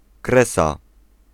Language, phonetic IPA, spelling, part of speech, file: Polish, [ˈkrɛsa], kresa, noun, Pl-kresa.ogg